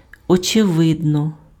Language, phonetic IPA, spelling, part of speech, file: Ukrainian, [ɔt͡ʃeˈʋɪdnɔ], очевидно, adverb / adjective, Uk-очевидно.ogg
- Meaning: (adverb) 1. obviously, evidently, clearly, manifestly, patently 2. seemingly, apparently; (adjective) obvious, evident, clear